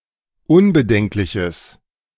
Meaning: strong/mixed nominative/accusative neuter singular of unbedenklich
- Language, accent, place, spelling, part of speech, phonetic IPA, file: German, Germany, Berlin, unbedenkliches, adjective, [ˈʊnbəˌdɛŋklɪçəs], De-unbedenkliches.ogg